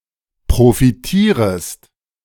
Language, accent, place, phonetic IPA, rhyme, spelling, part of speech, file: German, Germany, Berlin, [pʁofiˈtiːʁəst], -iːʁəst, profitierest, verb, De-profitierest.ogg
- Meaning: second-person singular subjunctive I of profitieren